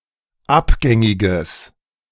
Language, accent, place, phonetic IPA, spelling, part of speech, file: German, Germany, Berlin, [ˈapˌɡɛŋɪɡəs], abgängiges, adjective, De-abgängiges.ogg
- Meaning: strong/mixed nominative/accusative neuter singular of abgängig